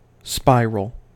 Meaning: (noun) 1. A curve that is the locus of a point that rotates about a fixed point while continuously increasing its distance from that point 2. A helix
- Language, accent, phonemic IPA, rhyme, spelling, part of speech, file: English, US, /ˈspaɪɹəl/, -aɪɹəl, spiral, noun / adjective / verb, En-us-spiral.ogg